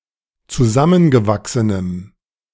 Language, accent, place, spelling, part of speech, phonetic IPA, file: German, Germany, Berlin, zusammengewachsenem, adjective, [t͡suˈzamənɡəˌvaksənəm], De-zusammengewachsenem.ogg
- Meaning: strong dative masculine/neuter singular of zusammengewachsen